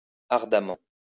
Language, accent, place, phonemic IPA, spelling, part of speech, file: French, France, Lyon, /aʁ.da.mɑ̃/, ardemment, adverb, LL-Q150 (fra)-ardemment.wav
- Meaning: ardently